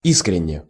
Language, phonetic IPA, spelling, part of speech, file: Russian, [ˈiskrʲɪnʲ(ː)e], искренне, adverb / adjective, Ru-искренне.ogg
- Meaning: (adverb) sincerely; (adjective) short neuter singular of и́скренний (ískrennij)